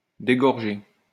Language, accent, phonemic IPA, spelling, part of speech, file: French, France, /de.ɡɔʁ.ʒe/, dégorger, verb, LL-Q150 (fra)-dégorger.wav
- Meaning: to flow into, to spill into